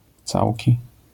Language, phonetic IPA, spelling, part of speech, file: Polish, [ˈt͡sawʲci], całki, adjective / noun, LL-Q809 (pol)-całki.wav